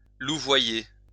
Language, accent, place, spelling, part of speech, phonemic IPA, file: French, France, Lyon, louvoyer, verb, /lu.vwa.je/, LL-Q150 (fra)-louvoyer.wav
- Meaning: 1. to tack 2. to avoid verbal commitment, to hedge